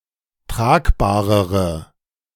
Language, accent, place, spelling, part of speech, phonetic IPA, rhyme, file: German, Germany, Berlin, tragbarere, adjective, [ˈtʁaːkbaːʁəʁə], -aːkbaːʁəʁə, De-tragbarere.ogg
- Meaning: inflection of tragbar: 1. strong/mixed nominative/accusative feminine singular comparative degree 2. strong nominative/accusative plural comparative degree